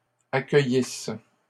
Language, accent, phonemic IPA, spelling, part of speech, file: French, Canada, /a.kœ.jis/, accueillisses, verb, LL-Q150 (fra)-accueillisses.wav
- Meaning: second-person singular imperfect subjunctive of accueillir